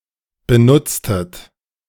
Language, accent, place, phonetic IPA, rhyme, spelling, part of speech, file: German, Germany, Berlin, [bəˈnʊt͡stət], -ʊt͡stət, benutztet, verb, De-benutztet.ogg
- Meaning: inflection of benutzen: 1. second-person plural preterite 2. second-person plural subjunctive II